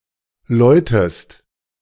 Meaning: inflection of läuten: 1. second-person singular present 2. second-person singular subjunctive I
- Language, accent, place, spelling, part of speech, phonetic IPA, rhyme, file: German, Germany, Berlin, läutest, verb, [ˈlɔɪ̯təst], -ɔɪ̯təst, De-läutest.ogg